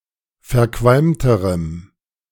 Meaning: strong dative masculine/neuter singular comparative degree of verqualmt
- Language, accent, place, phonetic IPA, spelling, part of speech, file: German, Germany, Berlin, [fɛɐ̯ˈkvalmtəʁəm], verqualmterem, adjective, De-verqualmterem.ogg